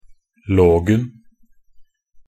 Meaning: definite singular of -log
- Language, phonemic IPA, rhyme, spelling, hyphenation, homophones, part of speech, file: Norwegian Bokmål, /ˈloːɡn̩/, -oːɡn̩, -logen, -log‧en, logen / lågen, suffix, Nb--logen.ogg